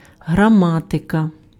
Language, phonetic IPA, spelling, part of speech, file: Ukrainian, [ɦrɐˈmatekɐ], граматика, noun, Uk-граматика.ogg
- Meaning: 1. grammar 2. genitive/accusative singular of грама́тик (hramátyk)